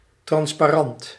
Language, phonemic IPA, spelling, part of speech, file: Dutch, /ˌtrɑnspaˈrɑnt/, transparant, noun / adjective, Nl-transparant.ogg
- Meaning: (adjective) transparent; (noun) a slide transparency (such as are used with overhead projectors)